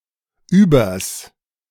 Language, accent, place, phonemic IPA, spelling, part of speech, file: German, Germany, Berlin, /ˈyːbɐs/, übers, contraction, De-übers.ogg
- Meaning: contraction of über + das, literally “over the, above the”